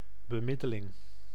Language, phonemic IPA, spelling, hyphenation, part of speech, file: Dutch, /bəˈmɪ.dəˌlɪŋ/, bemiddeling, be‧mid‧de‧ling, noun, Nl-bemiddeling.ogg
- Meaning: mediation